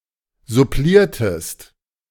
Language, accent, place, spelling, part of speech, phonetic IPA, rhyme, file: German, Germany, Berlin, suppliertest, verb, [zʊˈpliːɐ̯təst], -iːɐ̯təst, De-suppliertest.ogg
- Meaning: inflection of supplieren: 1. second-person singular preterite 2. second-person singular subjunctive II